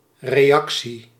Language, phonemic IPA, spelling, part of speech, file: Dutch, /reːˈjɑksi/, reactie, noun, Nl-reactie.ogg
- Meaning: 1. reaction (action in response to an event) 2. reply, response, feedback (verbal or written answer to a communication) 3. political reaction (reactionaries collectively)